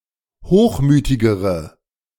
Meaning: inflection of hochmütig: 1. strong/mixed nominative/accusative feminine singular comparative degree 2. strong nominative/accusative plural comparative degree
- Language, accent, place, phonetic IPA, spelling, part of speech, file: German, Germany, Berlin, [ˈhoːxˌmyːtɪɡəʁə], hochmütigere, adjective, De-hochmütigere.ogg